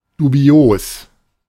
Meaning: dubious, suspicious, questionable
- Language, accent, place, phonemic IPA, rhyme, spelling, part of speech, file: German, Germany, Berlin, /duˈbi̯oːs/, -oːs, dubios, adjective, De-dubios.ogg